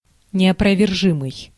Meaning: indisputable, irrefutable, incontrovertible, undeniable
- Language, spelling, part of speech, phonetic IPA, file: Russian, неопровержимый, adjective, [nʲɪəprəvʲɪrˈʐɨmɨj], Ru-неопровержимый.ogg